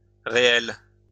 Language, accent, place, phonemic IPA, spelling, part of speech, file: French, France, Lyon, /ʁe.ɛl/, réelle, adjective, LL-Q150 (fra)-réelle.wav
- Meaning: feminine singular of réel